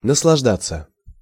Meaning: to enjoy, to be delighted
- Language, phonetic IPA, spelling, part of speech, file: Russian, [nəsɫɐʐˈdat͡sːə], наслаждаться, verb, Ru-наслаждаться.ogg